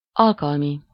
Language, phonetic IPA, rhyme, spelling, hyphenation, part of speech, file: Hungarian, [ˈɒlkɒlmi], -mi, alkalmi, al‧kal‧mi, adjective, Hu-alkalmi.ogg
- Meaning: 1. occasional, special, party, fashion (created for a specific occasion) 2. occasional, incidental, casual, ad hoc, chance (coming without regularity; employed irregularly)